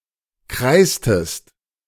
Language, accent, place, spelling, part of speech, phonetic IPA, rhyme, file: German, Germany, Berlin, kreistest, verb, [ˈkʁaɪ̯stəst], -aɪ̯stəst, De-kreistest.ogg
- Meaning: inflection of kreisen: 1. second-person singular preterite 2. second-person singular subjunctive II